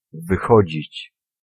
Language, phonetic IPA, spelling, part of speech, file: Polish, [vɨˈxɔd͡ʑit͡ɕ], wychodzić, verb, Pl-wychodzić.ogg